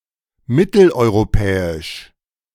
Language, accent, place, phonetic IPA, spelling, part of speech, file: German, Germany, Berlin, [ˈmɪtl̩ʔɔɪ̯ʁoˌpɛːɪʃ], mitteleuropäisch, adjective, De-mitteleuropäisch.ogg
- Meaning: Central European